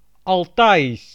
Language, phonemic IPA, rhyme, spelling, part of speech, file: Dutch, /ˌɑlˈtaː.is/, -aːis, Altaïsch, adjective / proper noun, Nl-Altaïsch.ogg
- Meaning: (adjective) 1. Altaic (pertaining to the Altai Mountains) 2. Altaic (pertaining to the formerly accepted Altaic language family)